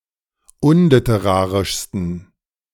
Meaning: 1. superlative degree of unliterarisch 2. inflection of unliterarisch: strong genitive masculine/neuter singular superlative degree
- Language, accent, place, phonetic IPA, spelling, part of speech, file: German, Germany, Berlin, [ˈʊnlɪtəˌʁaːʁɪʃstn̩], unliterarischsten, adjective, De-unliterarischsten.ogg